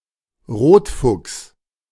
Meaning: red fox
- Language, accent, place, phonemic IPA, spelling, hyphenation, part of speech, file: German, Germany, Berlin, /ˈʁoːtˌfʊks/, Rotfuchs, Rot‧fuchs, noun, De-Rotfuchs.ogg